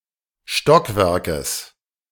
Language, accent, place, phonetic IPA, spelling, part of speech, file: German, Germany, Berlin, [ˈʃtɔkˌvɛʁkəs], Stockwerkes, noun, De-Stockwerkes.ogg
- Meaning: genitive singular of Stockwerk